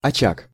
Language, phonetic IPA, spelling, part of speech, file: Russian, [ɐˈt͡ɕak], очаг, noun, Ru-очаг.ogg
- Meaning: 1. hearth 2. pocket (an isolated group or area) 3. breeding ground, hotbed